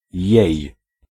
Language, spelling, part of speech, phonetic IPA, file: Polish, jej, pronoun / interjection, [jɛ̇j], Pl-jej.ogg